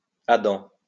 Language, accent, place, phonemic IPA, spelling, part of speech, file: French, France, Lyon, /a.dɑ̃/, adens, adverb, LL-Q150 (fra)-adens.wav
- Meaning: prone